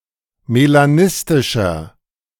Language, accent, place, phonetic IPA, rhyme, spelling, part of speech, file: German, Germany, Berlin, [melaˈnɪstɪʃɐ], -ɪstɪʃɐ, melanistischer, adjective, De-melanistischer.ogg
- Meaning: inflection of melanistisch: 1. strong/mixed nominative masculine singular 2. strong genitive/dative feminine singular 3. strong genitive plural